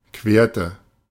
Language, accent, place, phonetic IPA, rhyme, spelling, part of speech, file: German, Germany, Berlin, [ˈkveːɐ̯tə], -eːɐ̯tə, querte, verb, De-querte.ogg
- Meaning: inflection of queren: 1. first/third-person singular preterite 2. first/third-person singular subjunctive II